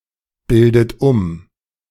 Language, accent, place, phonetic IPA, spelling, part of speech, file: German, Germany, Berlin, [ˌbɪldət ˈʊm], bildet um, verb, De-bildet um.ogg
- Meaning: inflection of umbilden: 1. second-person plural present 2. second-person plural subjunctive I 3. third-person singular present 4. plural imperative